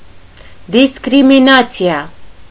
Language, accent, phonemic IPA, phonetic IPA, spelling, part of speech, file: Armenian, Eastern Armenian, /diskɾimiˈnɑt͡sʰiɑ/, [diskɾiminɑ́t͡sʰjɑ], դիսկրիմինացիա, noun, Hy-դիսկրիմինացիա.ogg
- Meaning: discrimination